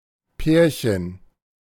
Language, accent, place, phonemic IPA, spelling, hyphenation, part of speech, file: German, Germany, Berlin, /ˈpɛːɐ̯çən/, Pärchen, Pär‧chen, noun, De-Pärchen.ogg
- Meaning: 1. diminutive of Paar 2. couple (two partners in a romantic or sexual relationship) 3. mating pair (of animals)